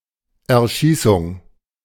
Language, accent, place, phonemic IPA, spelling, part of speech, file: German, Germany, Berlin, /ɛɐ̯ˈʃiːsʊŋ/, Erschießung, noun, De-Erschießung.ogg
- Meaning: execution by shooting